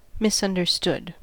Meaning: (verb) simple past and past participle of misunderstand; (adjective) 1. Not comprehended correctly 2. Not viewed with sympathy and understanding despite warranting it
- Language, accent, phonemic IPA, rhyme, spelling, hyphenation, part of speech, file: English, US, /ˌmɪs.ʌn.dɚˈstʊd/, -ʊd, misunderstood, mis‧un‧der‧stood, verb / adjective, En-us-misunderstood.ogg